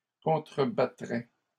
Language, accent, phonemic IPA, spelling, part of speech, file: French, Canada, /kɔ̃.tʁə.ba.tʁɛ/, contrebattrais, verb, LL-Q150 (fra)-contrebattrais.wav
- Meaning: first/second-person singular conditional of contrebattre